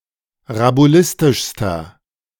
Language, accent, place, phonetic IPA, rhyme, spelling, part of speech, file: German, Germany, Berlin, [ʁabuˈlɪstɪʃstɐ], -ɪstɪʃstɐ, rabulistischster, adjective, De-rabulistischster.ogg
- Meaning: inflection of rabulistisch: 1. strong/mixed nominative masculine singular superlative degree 2. strong genitive/dative feminine singular superlative degree 3. strong genitive plural superlative degree